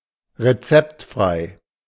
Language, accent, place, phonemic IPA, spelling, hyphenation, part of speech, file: German, Germany, Berlin, /ʁeˈt͡sɛptˌfʁaɪ̯/, rezeptfrei, re‧zept‧frei, adjective, De-rezeptfrei.ogg
- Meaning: non-prescription; over-the-counter